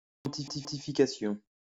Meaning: quantification
- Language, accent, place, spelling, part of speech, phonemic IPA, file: French, France, Lyon, quantification, noun, /kɑ̃.ti.fi.ka.sjɔ̃/, LL-Q150 (fra)-quantification.wav